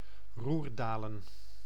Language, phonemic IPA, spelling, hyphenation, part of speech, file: Dutch, /ˈruːrˌdaː.lə(n)/, Roerdalen, Roer‧da‧len, proper noun, Nl-Roerdalen.ogg
- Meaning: a municipality of Limburg, Netherlands